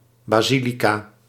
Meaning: basilica
- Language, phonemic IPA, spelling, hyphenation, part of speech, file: Dutch, /ˌbaːˈzi.li.kaː/, basilica, ba‧si‧li‧ca, noun, Nl-basilica.ogg